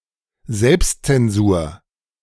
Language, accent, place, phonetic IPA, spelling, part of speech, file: German, Germany, Berlin, [ˈzɛlpstt͡sɛnˌzuːɐ̯], Selbstzensur, noun, De-Selbstzensur.ogg
- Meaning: self-censorship